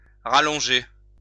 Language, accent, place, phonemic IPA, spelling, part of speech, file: French, France, Lyon, /ʁa.lɔ̃.ʒe/, rallonger, verb, LL-Q150 (fra)-rallonger.wav
- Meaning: to lengthen (to make longer)